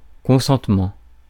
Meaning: consent (voluntary agreement)
- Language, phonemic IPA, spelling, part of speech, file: French, /kɔ̃.sɑ̃t.mɑ̃/, consentement, noun, Fr-consentement.ogg